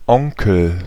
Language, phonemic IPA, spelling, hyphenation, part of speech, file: German, /ˈɔŋkəl/, Onkel, On‧kel, noun, De-Onkel.ogg
- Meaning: uncle